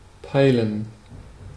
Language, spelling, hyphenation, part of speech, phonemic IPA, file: German, peilen, pei‧len, verb, /ˈpaɪlən/, De-peilen.ogg
- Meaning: 1. to take a bearing of, determine the direction, position, or depth of 2. to understand, grasp